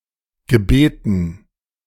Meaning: dative plural of Gebet
- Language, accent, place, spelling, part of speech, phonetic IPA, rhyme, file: German, Germany, Berlin, Gebeten, noun, [ɡəˈbeːtn̩], -eːtn̩, De-Gebeten.ogg